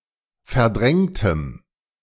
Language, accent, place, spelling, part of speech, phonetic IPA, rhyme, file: German, Germany, Berlin, verdrängtem, adjective, [fɛɐ̯ˈdʁɛŋtəm], -ɛŋtəm, De-verdrängtem.ogg
- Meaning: strong dative masculine/neuter singular of verdrängt